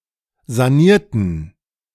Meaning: inflection of sanieren: 1. first/third-person plural preterite 2. first/third-person plural subjunctive II
- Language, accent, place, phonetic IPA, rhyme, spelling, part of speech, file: German, Germany, Berlin, [zaˈniːɐ̯tn̩], -iːɐ̯tn̩, sanierten, adjective / verb, De-sanierten.ogg